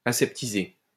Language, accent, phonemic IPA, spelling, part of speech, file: French, France, /a.sɛp.ti.ze/, aseptiser, verb, LL-Q150 (fra)-aseptiser.wav
- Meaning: to sterilize, to disinfect